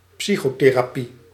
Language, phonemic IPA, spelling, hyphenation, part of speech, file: Dutch, /ˈpsi.xoː.teː.raː.ˌpi/, psychotherapie, psy‧cho‧the‧ra‧pie, noun, Nl-psychotherapie.ogg
- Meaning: psychotherapy